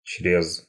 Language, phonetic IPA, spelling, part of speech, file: Russian, [t͡ɕrʲes], чрез, preposition, Ru-чрез.ogg
- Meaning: through; across, over